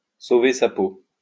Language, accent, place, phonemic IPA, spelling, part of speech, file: French, France, Lyon, /so.ve sa po/, sauver sa peau, verb, LL-Q150 (fra)-sauver sa peau.wav
- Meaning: to save one's skin, to save one's bacon